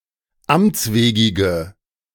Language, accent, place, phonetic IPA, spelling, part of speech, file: German, Germany, Berlin, [ˈamt͡sˌveːɡɪɡə], amtswegige, adjective, De-amtswegige.ogg
- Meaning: inflection of amtswegig: 1. strong/mixed nominative/accusative feminine singular 2. strong nominative/accusative plural 3. weak nominative all-gender singular